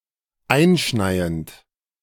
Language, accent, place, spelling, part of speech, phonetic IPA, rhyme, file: German, Germany, Berlin, einschneiend, verb, [ˈaɪ̯nˌʃnaɪ̯ənt], -aɪ̯nʃnaɪ̯ənt, De-einschneiend.ogg
- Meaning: present participle of einschneien